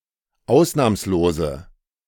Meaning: inflection of ausnahmslos: 1. strong/mixed nominative/accusative feminine singular 2. strong nominative/accusative plural 3. weak nominative all-gender singular
- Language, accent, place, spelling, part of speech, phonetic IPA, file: German, Germany, Berlin, ausnahmslose, adjective, [ˈaʊ̯snaːmsloːzə], De-ausnahmslose.ogg